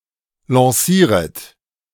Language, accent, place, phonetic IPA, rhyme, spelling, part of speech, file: German, Germany, Berlin, [lɑ̃ˈsiːʁət], -iːʁət, lancieret, verb, De-lancieret.ogg
- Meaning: second-person plural subjunctive I of lancieren